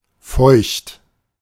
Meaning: 1. wet, humid, moist, soggy, dank 2. wet, moist (sexually aroused and thus having the vulva moistened with vaginal secretions)
- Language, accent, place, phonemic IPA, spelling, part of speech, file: German, Germany, Berlin, /fɔʏ̯çt/, feucht, adjective, De-feucht.ogg